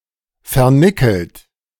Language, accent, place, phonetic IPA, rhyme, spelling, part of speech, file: German, Germany, Berlin, [fɛɐ̯ˈnɪkl̩t], -ɪkl̩t, vernickelt, adjective / verb, De-vernickelt.ogg
- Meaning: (verb) past participle of vernickeln; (adjective) nickel-plated